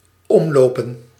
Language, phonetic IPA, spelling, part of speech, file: Dutch, [ˈɔm.loː.pə(n)], omlopen, verb / noun, Nl-omlopen.ogg
- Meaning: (verb) 1. to walk around, to make a detour 2. to knock down or knock over by walking; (noun) plural of omloop